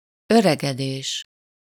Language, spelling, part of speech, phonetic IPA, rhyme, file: Hungarian, öregedés, noun, [ˈørɛɡɛdeːʃ], -eːʃ, Hu-öregedés.ogg
- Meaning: aging (US), ageing (UK) (the process of becoming older)